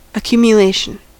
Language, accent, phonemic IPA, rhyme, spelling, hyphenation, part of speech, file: English, US, /əˌkjuːm.jəˈleɪ.ʃən/, -eɪʃən, accumulation, ac‧cu‧mu‧la‧tion, noun, En-us-accumulation.ogg
- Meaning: 1. The act of amassing or gathering, as into a pile 2. The process of growing into a heap or a large amount 3. A mass of something piled up or collected